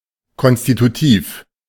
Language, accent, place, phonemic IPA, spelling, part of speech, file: German, Germany, Berlin, /ˌkɔnstituˈtiːf/, konstitutiv, adjective, De-konstitutiv.ogg
- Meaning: constitutive